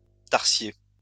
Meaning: tarsier
- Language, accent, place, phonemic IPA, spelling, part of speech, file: French, France, Lyon, /taʁ.sje/, tarsier, noun, LL-Q150 (fra)-tarsier.wav